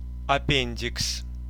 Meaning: appendix (vermiform appendix)
- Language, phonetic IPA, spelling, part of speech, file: Russian, [ɐˈpʲenʲdʲɪks], аппендикс, noun, Ru-аппендикс.ogg